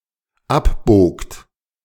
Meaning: second-person plural dependent preterite of abbiegen
- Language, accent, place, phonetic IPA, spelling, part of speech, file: German, Germany, Berlin, [ˈapˌboːkt], abbogt, verb, De-abbogt.ogg